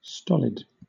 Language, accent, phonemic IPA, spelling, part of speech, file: English, Southern England, /ˈstɒl.ɪd/, stolid, adjective, LL-Q1860 (eng)-stolid.wav
- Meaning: 1. Having or revealing little emotion or sensibility 2. Dully or heavily stupid